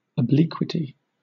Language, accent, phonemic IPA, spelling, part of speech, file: English, Southern England, /əˈblɪkwɪti/, obliquity, noun, LL-Q1860 (eng)-obliquity.wav
- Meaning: 1. The quality of being oblique in direction, deviating from the horizontal or vertical; or the angle created by such a deviation 2. Axial tilt 3. Mental or moral deviation or perversity; immorality